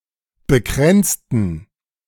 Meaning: inflection of bekränzen: 1. first/third-person plural preterite 2. first/third-person plural subjunctive II
- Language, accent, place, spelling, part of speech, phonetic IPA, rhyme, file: German, Germany, Berlin, bekränzten, adjective / verb, [bəˈkʁɛnt͡stn̩], -ɛnt͡stn̩, De-bekränzten.ogg